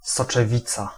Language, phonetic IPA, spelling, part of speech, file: Polish, [ˌsɔt͡ʃɛˈvʲit͡sa], soczewica, noun, Pl-soczewica.ogg